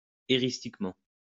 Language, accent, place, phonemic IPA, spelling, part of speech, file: French, France, Lyon, /e.ʁis.tik.mɑ̃/, éristiquement, adverb, LL-Q150 (fra)-éristiquement.wav
- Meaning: eristically